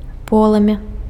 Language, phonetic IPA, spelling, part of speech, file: Belarusian, [ˈpoɫɨmʲa], полымя, noun, Be-полымя.ogg
- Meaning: flame